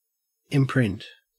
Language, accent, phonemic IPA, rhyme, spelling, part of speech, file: English, Australia, /ˈɪm.pɹɪnt/, -ɪmpɹɪnt, imprint, noun, En-au-imprint.ogg
- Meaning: An impression; the mark left behind by printing something or by pressing on something, or the figurative counterpart of such a mark